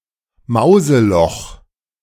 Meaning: mousehole
- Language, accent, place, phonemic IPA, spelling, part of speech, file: German, Germany, Berlin, /ˈmaʊ̯zəˌlɔx/, Mauseloch, noun, De-Mauseloch.ogg